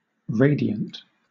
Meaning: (adjective) 1. Radiating light and/or heat 2. Emitted as radiation 3. Beaming with vivacity and happiness 4. Strikingly beautiful 5. Emitting or proceeding as if from a center 6. Giving off rays
- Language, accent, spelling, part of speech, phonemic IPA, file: English, Southern England, radiant, adjective / noun, /ˈɹeɪ.di.ənt/, LL-Q1860 (eng)-radiant.wav